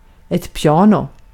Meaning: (adverb) piano; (noun) a piano
- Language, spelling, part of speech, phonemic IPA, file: Swedish, piano, adverb / noun, /ˈpjɑːnʊ/, Sv-piano.ogg